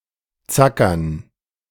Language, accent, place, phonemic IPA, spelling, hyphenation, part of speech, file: German, Germany, Berlin, /ˈt͡sakɐn/, zackern, za‧ckern, verb, De-zackern.ogg
- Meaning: to plow